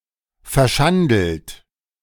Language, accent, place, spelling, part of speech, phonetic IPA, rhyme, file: German, Germany, Berlin, verschandelt, verb, [fɛɐ̯ˈʃandl̩t], -andl̩t, De-verschandelt.ogg
- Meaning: 1. past participle of verschandeln 2. inflection of verschandeln: third-person singular present 3. inflection of verschandeln: second-person plural present